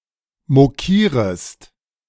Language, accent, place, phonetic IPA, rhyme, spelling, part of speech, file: German, Germany, Berlin, [moˈkiːʁəst], -iːʁəst, mokierest, verb, De-mokierest.ogg
- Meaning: second-person singular subjunctive I of mokieren